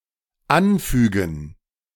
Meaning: to append
- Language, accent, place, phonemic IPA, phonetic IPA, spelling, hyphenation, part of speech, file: German, Germany, Berlin, /ˈanˌfyːɡən/, [ˈʔanˌfyːɡŋ̍], anfügen, an‧fü‧gen, verb, De-anfügen.ogg